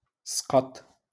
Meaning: to flunk
- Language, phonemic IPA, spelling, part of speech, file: Moroccan Arabic, /sqatˤ/, سقط, verb, LL-Q56426 (ary)-سقط.wav